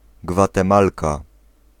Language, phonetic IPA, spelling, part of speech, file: Polish, [ˌɡvatɛ̃ˈmalka], gwatemalka, noun, Pl-gwatemalka.ogg